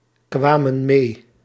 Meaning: inflection of meekomen: 1. plural past indicative 2. plural past subjunctive
- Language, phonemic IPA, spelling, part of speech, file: Dutch, /ˈkwamə(n) ˈme/, kwamen mee, verb, Nl-kwamen mee.ogg